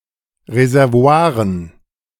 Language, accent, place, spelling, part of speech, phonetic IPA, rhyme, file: German, Germany, Berlin, Reservoiren, noun, [ʁezɛʁˈvo̯aːʁən], -aːʁən, De-Reservoiren.ogg
- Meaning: dative plural of Reservoir